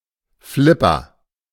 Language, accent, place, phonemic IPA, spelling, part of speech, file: German, Germany, Berlin, /ˈflɪpɐ/, Flipper, noun, De-Flipper.ogg
- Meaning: 1. pinball (game) 2. pinball machine 3. flipper (lever in a pinball machine)